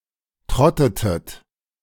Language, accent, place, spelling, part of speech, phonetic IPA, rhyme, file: German, Germany, Berlin, trottetet, verb, [ˈtʁɔtətət], -ɔtətət, De-trottetet.ogg
- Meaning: inflection of trotten: 1. second-person plural preterite 2. second-person plural subjunctive II